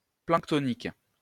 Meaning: planktonic
- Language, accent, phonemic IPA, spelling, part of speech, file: French, France, /plɑ̃k.tɔ.nik/, planctonique, adjective, LL-Q150 (fra)-planctonique.wav